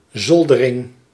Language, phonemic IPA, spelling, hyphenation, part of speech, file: Dutch, /ˈzɔl.dəˌrɪŋ/, zoldering, zol‧de‧ring, noun, Nl-zoldering.ogg
- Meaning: 1. ceiling, dropped ceiling 2. the floorboard that separates the attic from the rest of the building